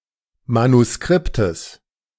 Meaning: genitive singular of Manuskript
- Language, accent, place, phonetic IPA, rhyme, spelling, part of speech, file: German, Germany, Berlin, [manuˈskʁɪptəs], -ɪptəs, Manuskriptes, noun, De-Manuskriptes.ogg